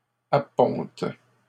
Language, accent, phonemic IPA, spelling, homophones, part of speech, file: French, Canada, /a.pɔ̃t/, appontes, apponte / appontent, verb, LL-Q150 (fra)-appontes.wav
- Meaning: second-person singular present indicative/subjunctive of apponter